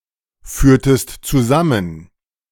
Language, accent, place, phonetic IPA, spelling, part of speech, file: German, Germany, Berlin, [ˌfyːɐ̯təst t͡suˈzamən], führtest zusammen, verb, De-führtest zusammen.ogg
- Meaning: inflection of zusammenführen: 1. second-person singular preterite 2. second-person singular subjunctive II